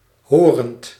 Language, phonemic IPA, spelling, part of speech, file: Dutch, /ˈhɔːrənt/, horend, verb / adjective, Nl-horend.ogg
- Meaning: present participle of horen